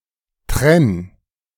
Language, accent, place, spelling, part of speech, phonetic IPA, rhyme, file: German, Germany, Berlin, trenn, verb, [tʁɛn], -ɛn, De-trenn.ogg
- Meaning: singular imperative of trennen